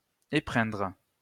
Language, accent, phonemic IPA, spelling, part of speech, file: French, France, /e.pʁɛ̃dʁ/, épreindre, verb, LL-Q150 (fra)-épreindre.wav
- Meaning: to squeeze out, draw out by pressing, to extract